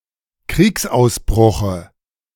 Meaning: dative of Kriegsausbruch
- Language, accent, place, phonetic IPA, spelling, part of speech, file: German, Germany, Berlin, [ˈkʁiːksʔaʊ̯sˌbʁʊxə], Kriegsausbruche, noun, De-Kriegsausbruche.ogg